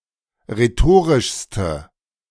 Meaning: inflection of rhetorisch: 1. strong/mixed nominative/accusative feminine singular superlative degree 2. strong nominative/accusative plural superlative degree
- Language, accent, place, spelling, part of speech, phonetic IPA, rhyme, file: German, Germany, Berlin, rhetorischste, adjective, [ʁeˈtoːʁɪʃstə], -oːʁɪʃstə, De-rhetorischste.ogg